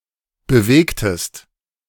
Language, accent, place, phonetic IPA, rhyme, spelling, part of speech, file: German, Germany, Berlin, [bəˈveːktəst], -eːktəst, bewegtest, verb, De-bewegtest.ogg
- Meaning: inflection of bewegen: 1. second-person singular preterite 2. second-person singular subjunctive II